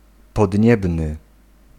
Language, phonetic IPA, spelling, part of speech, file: Polish, [pɔdʲˈɲɛbnɨ], podniebny, adjective, Pl-podniebny.ogg